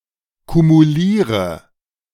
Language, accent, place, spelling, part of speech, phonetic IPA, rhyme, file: German, Germany, Berlin, kumuliere, verb, [kumuˈliːʁə], -iːʁə, De-kumuliere.ogg
- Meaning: inflection of kumulieren: 1. first-person singular present 2. first/third-person singular subjunctive I 3. singular imperative